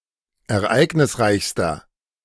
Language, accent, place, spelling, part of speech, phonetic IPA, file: German, Germany, Berlin, ereignisreichster, adjective, [ɛɐ̯ˈʔaɪ̯ɡnɪsˌʁaɪ̯çstɐ], De-ereignisreichster.ogg
- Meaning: inflection of ereignisreich: 1. strong/mixed nominative masculine singular superlative degree 2. strong genitive/dative feminine singular superlative degree